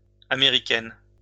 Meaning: feminine plural of américain
- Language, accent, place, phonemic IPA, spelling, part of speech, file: French, France, Lyon, /a.me.ʁi.kɛn/, américaines, adjective, LL-Q150 (fra)-américaines.wav